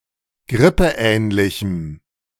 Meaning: strong dative masculine/neuter singular of grippeähnlich
- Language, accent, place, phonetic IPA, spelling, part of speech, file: German, Germany, Berlin, [ˈɡʁɪpəˌʔɛːnlɪçm̩], grippeähnlichem, adjective, De-grippeähnlichem.ogg